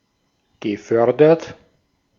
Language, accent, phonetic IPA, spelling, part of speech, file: German, Austria, [ɡəˈfœʁdɐt], gefördert, verb, De-at-gefördert.ogg
- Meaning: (verb) past participle of fördern; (adjective) promoted, sponsored, funded